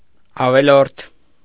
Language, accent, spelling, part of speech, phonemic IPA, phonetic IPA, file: Armenian, Eastern Armenian, ավելորդ, adjective, /ɑveˈloɾtʰ/, [ɑvelóɾtʰ], Hy-ավելորդ.ogg
- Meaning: 1. superfluous 2. unnecessary, needless 3. spare 4. unwarranted 5. unjust, false, wrongful